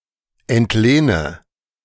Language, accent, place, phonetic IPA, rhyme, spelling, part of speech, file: German, Germany, Berlin, [ɛntˈleːnə], -eːnə, entlehne, verb, De-entlehne.ogg
- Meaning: inflection of entlehnen: 1. first-person singular present 2. first/third-person singular subjunctive I 3. singular imperative